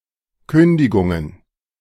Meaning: plural of Kündigung
- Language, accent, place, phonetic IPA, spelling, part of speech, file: German, Germany, Berlin, [ˈkʏndɪɡʊŋən], Kündigungen, noun, De-Kündigungen.ogg